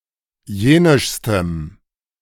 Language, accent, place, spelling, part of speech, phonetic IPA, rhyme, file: German, Germany, Berlin, jenischstem, adjective, [ˈjeːnɪʃstəm], -eːnɪʃstəm, De-jenischstem.ogg
- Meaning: strong dative masculine/neuter singular superlative degree of jenisch